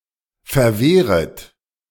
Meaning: second-person plural subjunctive I of verwehren
- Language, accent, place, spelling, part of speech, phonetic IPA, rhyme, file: German, Germany, Berlin, verwehret, verb, [fɛɐ̯ˈveːʁət], -eːʁət, De-verwehret.ogg